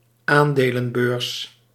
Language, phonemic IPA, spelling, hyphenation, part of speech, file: Dutch, /ˈaːn.deː.lə(n)ˌbøːrs/, aandelenbeurs, aan‧de‧len‧beurs, noun, Nl-aandelenbeurs.ogg
- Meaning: stock exchange